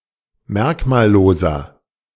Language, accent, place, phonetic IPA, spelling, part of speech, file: German, Germany, Berlin, [ˈmɛʁkmaːlˌloːzɐ], merkmalloser, adjective, De-merkmalloser.ogg
- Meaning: inflection of merkmallos: 1. strong/mixed nominative masculine singular 2. strong genitive/dative feminine singular 3. strong genitive plural